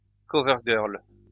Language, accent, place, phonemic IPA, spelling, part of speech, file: French, France, Lyon, /kɔ.vɛʁ.ɡœʁl/, covergirl, noun, LL-Q150 (fra)-covergirl.wav
- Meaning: cover girl (female model on magazine cover)